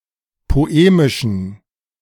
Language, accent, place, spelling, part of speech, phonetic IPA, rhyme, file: German, Germany, Berlin, poemischen, adjective, [poˈeːmɪʃn̩], -eːmɪʃn̩, De-poemischen.ogg
- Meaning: inflection of poemisch: 1. strong genitive masculine/neuter singular 2. weak/mixed genitive/dative all-gender singular 3. strong/weak/mixed accusative masculine singular 4. strong dative plural